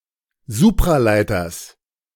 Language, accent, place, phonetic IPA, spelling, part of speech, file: German, Germany, Berlin, [ˈzuːpʁaˌlaɪ̯tɐs], Supraleiters, noun, De-Supraleiters.ogg
- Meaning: genitive singular of Supraleiter